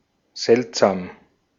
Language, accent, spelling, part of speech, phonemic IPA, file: German, Austria, seltsam, adjective / adverb, /ˈzɛltˌzaːm/, De-at-seltsam.ogg
- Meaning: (adjective) 1. strange, weird, odd, funny, curious 2. rare, seldom; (adverb) strangely, weirdly, oddly, curiously